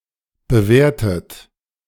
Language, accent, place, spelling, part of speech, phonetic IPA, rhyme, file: German, Germany, Berlin, bewertet, verb, [bəˈveːɐ̯tət], -eːɐ̯tət, De-bewertet2.ogg
- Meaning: 1. past participle of bewerten 2. inflection of bewerten: third-person singular present 3. inflection of bewerten: second-person plural present